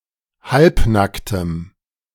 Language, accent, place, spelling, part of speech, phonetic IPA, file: German, Germany, Berlin, halbnacktem, adjective, [ˈhalpˌnaktəm], De-halbnacktem.ogg
- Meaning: strong dative masculine/neuter singular of halbnackt